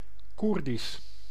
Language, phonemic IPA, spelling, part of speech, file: Dutch, /ˈkur.dis/, Koerdisch, adjective / proper noun, Nl-Koerdisch.ogg
- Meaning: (adjective) Kurdish, relating to the people, language and/or Middle Eastern homeland of the Kurds; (proper noun) Kurdish, the language of the Kurds